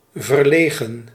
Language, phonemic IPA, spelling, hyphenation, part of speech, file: Dutch, /vərˈleːɣə(n)/, verlegen, ver‧le‧gen, adjective, Nl-verlegen.ogg
- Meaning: 1. shy, bashful, timid 2. embarrassed 3. lacking, having a shortage 4. spoiled, rotten